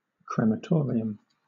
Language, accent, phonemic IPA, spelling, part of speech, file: English, Southern England, /kɹɛməˈtɔːɹɪəm/, crematorium, noun, LL-Q1860 (eng)-crematorium.wav
- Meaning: A place where the bodies of dead people are cremated